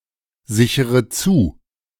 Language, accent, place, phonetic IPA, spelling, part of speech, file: German, Germany, Berlin, [ˌzɪçəʁə ˈt͡suː], sichere zu, verb, De-sichere zu.ogg
- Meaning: inflection of zusichern: 1. first-person singular present 2. first/third-person singular subjunctive I 3. singular imperative